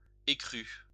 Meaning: 1. raw (of materials) 2. ecru (color)
- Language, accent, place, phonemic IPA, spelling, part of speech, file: French, France, Lyon, /e.kʁy/, écru, adjective, LL-Q150 (fra)-écru.wav